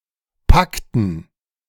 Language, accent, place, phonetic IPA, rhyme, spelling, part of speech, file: German, Germany, Berlin, [ˈpaktn̩], -aktn̩, packten, verb, De-packten.ogg
- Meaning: inflection of packen: 1. first/third-person plural preterite 2. first/third-person plural subjunctive II